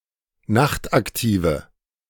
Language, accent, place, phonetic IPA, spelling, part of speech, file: German, Germany, Berlin, [ˈnaxtʔakˌtiːvə], nachtaktive, adjective, De-nachtaktive.ogg
- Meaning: inflection of nachtaktiv: 1. strong/mixed nominative/accusative feminine singular 2. strong nominative/accusative plural 3. weak nominative all-gender singular